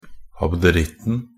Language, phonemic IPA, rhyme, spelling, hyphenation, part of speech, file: Norwegian Bokmål, /abdəˈrɪtːn̩/, -ɪtːn̩, abderitten, ab‧de‧ritt‧en, noun, Nb-abderitten.ogg
- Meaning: definite singular of abderitt